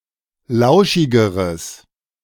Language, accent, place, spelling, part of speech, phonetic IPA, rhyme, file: German, Germany, Berlin, lauschigeres, adjective, [ˈlaʊ̯ʃɪɡəʁəs], -aʊ̯ʃɪɡəʁəs, De-lauschigeres.ogg
- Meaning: strong/mixed nominative/accusative neuter singular comparative degree of lauschig